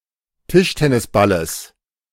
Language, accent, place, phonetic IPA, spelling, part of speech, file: German, Germany, Berlin, [ˈtɪʃtɛnɪsˌbaləs], Tischtennisballes, noun, De-Tischtennisballes.ogg
- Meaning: genitive singular of Tischtennisball